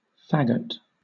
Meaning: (noun) 1. Alternative spelling of faggot (“bundle of sticks”) 2. Alternative spelling of faggot (“bundle of iron or steel”) 3. A fagotto, or bassoon
- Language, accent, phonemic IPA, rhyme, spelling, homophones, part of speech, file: English, Southern England, /ˈfæɡ.ət/, -æɡət, fagot, faggot, noun / verb, LL-Q1860 (eng)-fagot.wav